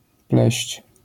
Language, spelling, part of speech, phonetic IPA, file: Polish, pleść, verb, [plɛɕt͡ɕ], LL-Q809 (pol)-pleść.wav